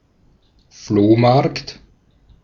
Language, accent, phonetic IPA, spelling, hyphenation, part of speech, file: German, Austria, [ˈfloːˌmaʁkt], Flohmarkt, Floh‧markt, noun, De-at-Flohmarkt.ogg
- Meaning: flea market